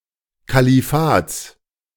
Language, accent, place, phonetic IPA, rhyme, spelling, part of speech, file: German, Germany, Berlin, [kaliˈfaːt͡s], -aːt͡s, Kalifats, noun, De-Kalifats.ogg
- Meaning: genitive of Kalifat